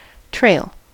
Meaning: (verb) 1. To follow behind (someone or something); to tail (someone or something) 2. To drag (something) behind on the ground 3. To leave (a trail of)
- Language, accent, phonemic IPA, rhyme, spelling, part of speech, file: English, US, /tɹeɪl/, -eɪl, trail, verb / noun, En-us-trail.ogg